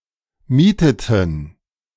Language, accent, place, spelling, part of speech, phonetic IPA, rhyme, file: German, Germany, Berlin, mieteten, verb, [ˈmiːtətn̩], -iːtətn̩, De-mieteten.ogg
- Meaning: inflection of mieten: 1. first/third-person plural preterite 2. first/third-person plural subjunctive II